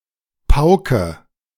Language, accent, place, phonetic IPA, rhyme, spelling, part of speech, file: German, Germany, Berlin, [ˈpaʊ̯kə], -aʊ̯kə, pauke, verb, De-pauke.ogg
- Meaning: inflection of pauken: 1. first-person singular present 2. first/third-person singular subjunctive I 3. singular imperative